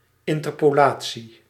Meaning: interpolation
- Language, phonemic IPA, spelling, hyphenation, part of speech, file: Dutch, /ˌɪn.tər.poːˈlaː.tsi/, interpolatie, in‧ter‧po‧la‧tie, noun, Nl-interpolatie.ogg